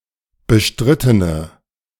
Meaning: inflection of bestritten: 1. strong/mixed nominative/accusative feminine singular 2. strong nominative/accusative plural 3. weak nominative all-gender singular
- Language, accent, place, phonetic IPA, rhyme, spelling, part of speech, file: German, Germany, Berlin, [bəˈʃtʁɪtənə], -ɪtənə, bestrittene, adjective, De-bestrittene.ogg